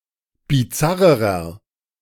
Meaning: inflection of bizarr: 1. strong/mixed nominative masculine singular comparative degree 2. strong genitive/dative feminine singular comparative degree 3. strong genitive plural comparative degree
- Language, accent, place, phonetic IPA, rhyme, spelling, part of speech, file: German, Germany, Berlin, [biˈt͡saʁəʁɐ], -aʁəʁɐ, bizarrerer, adjective, De-bizarrerer.ogg